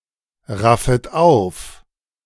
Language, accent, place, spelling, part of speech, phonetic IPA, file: German, Germany, Berlin, raffet auf, verb, [ˌʁafət ˈaʊ̯f], De-raffet auf.ogg
- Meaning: second-person plural subjunctive I of aufraffen